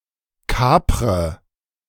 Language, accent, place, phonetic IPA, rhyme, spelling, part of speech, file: German, Germany, Berlin, [ˈkaːpʁə], -aːpʁə, kapre, verb, De-kapre.ogg
- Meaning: inflection of kapern: 1. first-person singular present 2. first/third-person singular subjunctive I 3. singular imperative